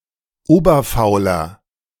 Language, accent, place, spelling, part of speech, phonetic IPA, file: German, Germany, Berlin, oberfauler, adjective, [ˈoːbɐfaʊ̯lɐ], De-oberfauler.ogg
- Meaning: inflection of oberfaul: 1. strong/mixed nominative masculine singular 2. strong genitive/dative feminine singular 3. strong genitive plural